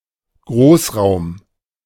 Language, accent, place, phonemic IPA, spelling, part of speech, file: German, Germany, Berlin, /ˈɡʁoːsˌʁaʊ̯m/, Großraum, noun, De-Großraum.ogg
- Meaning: 1. wider area (of a city), metropolitan area 2. large room